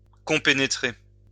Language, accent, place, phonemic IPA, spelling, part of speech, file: French, France, Lyon, /kɔ̃.pe.ne.tʁe/, compénétrer, verb, LL-Q150 (fra)-compénétrer.wav
- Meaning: to penetrate deeply